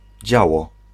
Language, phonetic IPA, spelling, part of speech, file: Polish, [ˈd͡ʑawɔ], działo, noun / verb, Pl-działo.ogg